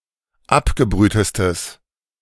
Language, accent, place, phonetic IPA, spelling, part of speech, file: German, Germany, Berlin, [ˈapɡəˌbʁyːtəstəs], abgebrühtestes, adjective, De-abgebrühtestes.ogg
- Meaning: strong/mixed nominative/accusative neuter singular superlative degree of abgebrüht